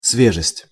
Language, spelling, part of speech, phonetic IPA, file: Russian, свежесть, noun, [ˈsvʲeʐɨsʲtʲ], Ru-свежесть.ogg
- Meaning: freshness